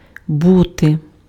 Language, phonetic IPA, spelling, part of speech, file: Ukrainian, [ˈbute], бути, verb, Uk-бути.ogg
- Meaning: 1. to be 2. used to form the future tense of imperfect verbs 3. used to form the pluperfect tense